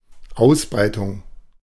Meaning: 1. expansion 2. spread (of something)
- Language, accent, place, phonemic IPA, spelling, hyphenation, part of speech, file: German, Germany, Berlin, /ˈaʊ̯sˌbʁaɪ̯tʊŋ/, Ausbreitung, Aus‧brei‧tung, noun, De-Ausbreitung.ogg